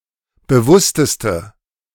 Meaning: inflection of bewusst: 1. strong/mixed nominative/accusative feminine singular superlative degree 2. strong nominative/accusative plural superlative degree
- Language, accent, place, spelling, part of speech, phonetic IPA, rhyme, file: German, Germany, Berlin, bewussteste, adjective, [bəˈvʊstəstə], -ʊstəstə, De-bewussteste.ogg